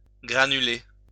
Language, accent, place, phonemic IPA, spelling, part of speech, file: French, France, Lyon, /ɡʁa.ny.le/, granuler, verb, LL-Q150 (fra)-granuler.wav
- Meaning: to granulate, to grain